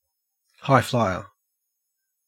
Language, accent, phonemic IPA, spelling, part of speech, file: English, Australia, /haɪˈflaɪə(ɹ)/, highflier, noun, En-au-highflier.ogg
- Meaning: 1. A person who or a type of aircraft that flies at high elevations 2. An ambitious person, especially one who takes risks or has an extravagant lifestyle